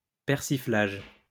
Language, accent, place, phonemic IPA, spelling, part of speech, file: French, France, Lyon, /pɛʁ.si.flaʒ/, persiflage, noun, LL-Q150 (fra)-persiflage.wav
- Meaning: ridicule or malicious mockery made under the guise of good-natured raillery